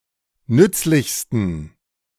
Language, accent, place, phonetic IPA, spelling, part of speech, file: German, Germany, Berlin, [ˈnʏt͡slɪçstn̩], nützlichsten, adjective, De-nützlichsten.ogg
- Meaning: 1. superlative degree of nützlich 2. inflection of nützlich: strong genitive masculine/neuter singular superlative degree